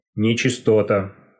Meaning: 1. uncleanness 2. impurity 3. defectiveness, sloppiness, inaccuracy 4. depravity 5. dishonesty 6. evilness, diabolicalness 7. dirt
- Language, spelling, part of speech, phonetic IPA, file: Russian, нечистота, noun, [nʲɪt͡ɕɪstɐˈta], Ru-нечисто́та.ogg